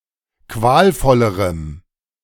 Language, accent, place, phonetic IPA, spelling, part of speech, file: German, Germany, Berlin, [ˈkvaːlˌfɔləʁəm], qualvollerem, adjective, De-qualvollerem.ogg
- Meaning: strong dative masculine/neuter singular comparative degree of qualvoll